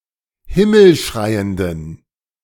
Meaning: inflection of himmelschreiend: 1. strong genitive masculine/neuter singular 2. weak/mixed genitive/dative all-gender singular 3. strong/weak/mixed accusative masculine singular 4. strong dative plural
- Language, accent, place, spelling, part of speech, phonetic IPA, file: German, Germany, Berlin, himmelschreienden, adjective, [ˈhɪml̩ˌʃʁaɪ̯əndn̩], De-himmelschreienden.ogg